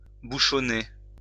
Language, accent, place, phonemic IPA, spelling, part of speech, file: French, France, Lyon, /bu.ʃɔ.ne/, bouchonner, verb, LL-Q150 (fra)-bouchonner.wav
- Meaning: 1. to rub down 2. for the traffic to come to a standstill, for there to be a traffic jam